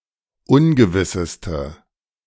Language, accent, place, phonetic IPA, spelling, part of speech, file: German, Germany, Berlin, [ˈʊnɡəvɪsəstə], ungewisseste, adjective, De-ungewisseste.ogg
- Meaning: inflection of ungewiss: 1. strong/mixed nominative/accusative feminine singular superlative degree 2. strong nominative/accusative plural superlative degree